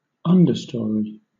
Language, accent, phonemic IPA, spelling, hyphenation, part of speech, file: English, Southern England, /ˈʌndəstɔːɹi/, understory, un‧der‧story, noun, LL-Q1860 (eng)-understory.wav
- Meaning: 1. A story of a building below the stories generally used for residence or work 2. The (layer of) plants that grow in the shade of the canopy of a forest above the forest floor